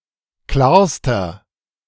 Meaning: inflection of klar: 1. strong/mixed nominative masculine singular superlative degree 2. strong genitive/dative feminine singular superlative degree 3. strong genitive plural superlative degree
- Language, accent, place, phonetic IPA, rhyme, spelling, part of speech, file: German, Germany, Berlin, [ˈklaːɐ̯stɐ], -aːɐ̯stɐ, klarster, adjective, De-klarster.ogg